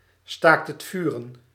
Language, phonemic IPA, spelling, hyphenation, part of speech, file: Dutch, /ˌstaːkt.(ɦ)ətˈfyː.rə(n)/, staakt-het-vuren, staakt-het-vuren, noun, Nl-staakt-het-vuren.ogg
- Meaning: ceasefire